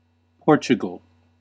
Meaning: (proper noun) A country in Southern Europe, on the Iberian Peninsula. Official name: Portuguese Republic. Capital and largest city: Lisbon; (noun) A Portuguese person
- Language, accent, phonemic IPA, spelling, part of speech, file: English, US, /ˈpɔɹt͡ʃəɡəl/, Portugal, proper noun / noun, En-us-Portugal.ogg